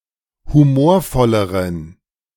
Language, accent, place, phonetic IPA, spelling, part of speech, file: German, Germany, Berlin, [huˈmoːɐ̯ˌfɔləʁən], humorvolleren, adjective, De-humorvolleren.ogg
- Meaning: inflection of humorvoll: 1. strong genitive masculine/neuter singular comparative degree 2. weak/mixed genitive/dative all-gender singular comparative degree